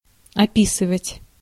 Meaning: 1. to describe, to depict, to portray (to represent in words) 2. to make / take an inventory (of), to inventory 3. to describe, to circumscribe 4. to urinate (on something)
- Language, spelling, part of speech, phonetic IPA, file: Russian, описывать, verb, [ɐˈpʲisɨvətʲ], Ru-описывать.ogg